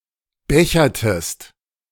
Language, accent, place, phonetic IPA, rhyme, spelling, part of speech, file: German, Germany, Berlin, [ˈbɛçɐtəst], -ɛçɐtəst, bechertest, verb, De-bechertest.ogg
- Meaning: inflection of bechern: 1. second-person singular preterite 2. second-person singular subjunctive II